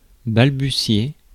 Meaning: to stammer; to stutter
- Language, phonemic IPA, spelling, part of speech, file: French, /bal.by.sje/, balbutier, verb, Fr-balbutier.ogg